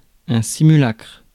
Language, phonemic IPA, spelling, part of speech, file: French, /si.my.lakʁ/, simulacre, noun, Fr-simulacre.ogg
- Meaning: 1. image, statue, idol, simulacrum 2. spectre, phantom 3. travesty, mockery